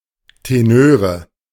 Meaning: nominative/accusative/genitive plural of Tenor
- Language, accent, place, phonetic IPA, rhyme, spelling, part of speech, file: German, Germany, Berlin, [teˈnøːʁə], -øːʁə, Tenöre, noun, De-Tenöre.ogg